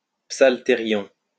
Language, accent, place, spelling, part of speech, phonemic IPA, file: French, France, Lyon, psaltérion, noun, /psal.te.ʁjɔ̃/, LL-Q150 (fra)-psaltérion.wav
- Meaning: 1. psaltery 2. bowed psaltery